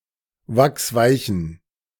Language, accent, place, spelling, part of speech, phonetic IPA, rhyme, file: German, Germany, Berlin, wachsweichen, adjective, [ˈvaksˈvaɪ̯çn̩], -aɪ̯çn̩, De-wachsweichen.ogg
- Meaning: inflection of wachsweich: 1. strong genitive masculine/neuter singular 2. weak/mixed genitive/dative all-gender singular 3. strong/weak/mixed accusative masculine singular 4. strong dative plural